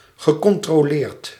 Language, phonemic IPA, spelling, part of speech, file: Dutch, /ɣəˌkɔntroˈlert/, gecontroleerd, verb / adjective, Nl-gecontroleerd.ogg
- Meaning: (adjective) controlled; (verb) past participle of controleren